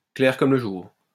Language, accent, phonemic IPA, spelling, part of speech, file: French, France, /klɛʁ kɔm lə ʒuʁ/, clair comme le jour, adjective, LL-Q150 (fra)-clair comme le jour.wav
- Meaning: plain as the nose on one's face, clear as day, very obvious